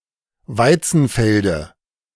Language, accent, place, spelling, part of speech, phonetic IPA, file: German, Germany, Berlin, Weizenfelde, noun, [ˈvaɪ̯t͡sn̩ˌfɛldə], De-Weizenfelde.ogg
- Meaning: dative singular of Weizenfeld